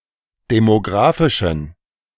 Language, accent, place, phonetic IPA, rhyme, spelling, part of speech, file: German, Germany, Berlin, [demoˈɡʁaːfɪʃn̩], -aːfɪʃn̩, demographischen, adjective, De-demographischen.ogg
- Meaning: inflection of demographisch: 1. strong genitive masculine/neuter singular 2. weak/mixed genitive/dative all-gender singular 3. strong/weak/mixed accusative masculine singular 4. strong dative plural